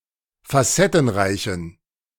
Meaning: inflection of facettenreich: 1. strong genitive masculine/neuter singular 2. weak/mixed genitive/dative all-gender singular 3. strong/weak/mixed accusative masculine singular 4. strong dative plural
- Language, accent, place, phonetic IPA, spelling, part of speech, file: German, Germany, Berlin, [faˈsɛtn̩ˌʁaɪ̯çn̩], facettenreichen, adjective, De-facettenreichen.ogg